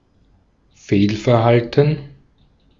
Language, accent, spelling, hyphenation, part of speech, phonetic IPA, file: German, Austria, Fehlverhalten, Fehl‧ver‧hal‧ten, noun, [ˈfeːlfɛɐ̯ˌhaltn̩], De-at-Fehlverhalten.ogg
- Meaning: misconduct, wrongdoing